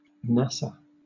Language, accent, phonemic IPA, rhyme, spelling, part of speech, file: English, Southern England, /ˈnæsə/, -æsə, NASA, proper noun, LL-Q1860 (eng)-NASA.wav
- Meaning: 1. Acronym of National Aeronautics and Space Administration 2. Acronym of National Auto Sport Association